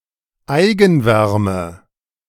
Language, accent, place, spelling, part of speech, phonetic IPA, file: German, Germany, Berlin, Eigenwärme, noun, [ˈaɪ̯ɡn̩ˌvɛʁmə], De-Eigenwärme.ogg
- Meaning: body heat (heat generated by a person, animal, machine etc)